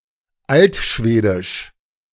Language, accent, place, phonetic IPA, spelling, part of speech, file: German, Germany, Berlin, [ˈaltˌʃveːdɪʃ], altschwedisch, adjective, De-altschwedisch.ogg
- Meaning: Old Swedish (related to the Old Swedish language)